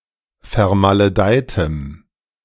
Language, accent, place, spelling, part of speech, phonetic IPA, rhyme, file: German, Germany, Berlin, vermaledeitem, adjective, [fɛɐ̯maləˈdaɪ̯təm], -aɪ̯təm, De-vermaledeitem.ogg
- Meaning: strong dative masculine/neuter singular of vermaledeit